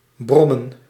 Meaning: 1. to mutter, to mumble 2. to grumble, hum, buzz, drone 3. to brag, to boast 4. to do time, to be in prison 5. to drive a moped 6. to be imprisoned, to spend time in prison
- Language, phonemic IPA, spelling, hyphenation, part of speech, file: Dutch, /ˈbrɔmə(n)/, brommen, brom‧men, verb, Nl-brommen.ogg